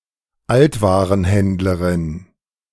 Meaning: female junk dealer
- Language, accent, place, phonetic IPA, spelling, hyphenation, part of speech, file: German, Germany, Berlin, [ˈaltvaːʁənˌhɛndləʁɪn], Altwarenhändlerin, Alt‧wa‧ren‧händ‧le‧rin, noun, De-Altwarenhändlerin.ogg